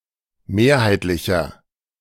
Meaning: inflection of mehrheitlich: 1. strong/mixed nominative masculine singular 2. strong genitive/dative feminine singular 3. strong genitive plural
- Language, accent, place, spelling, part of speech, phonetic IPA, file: German, Germany, Berlin, mehrheitlicher, adjective, [ˈmeːɐ̯haɪ̯tlɪçɐ], De-mehrheitlicher.ogg